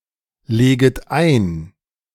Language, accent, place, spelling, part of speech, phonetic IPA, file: German, Germany, Berlin, leget ein, verb, [ˌleːɡət ˈaɪ̯n], De-leget ein.ogg
- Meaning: second-person plural subjunctive I of einlegen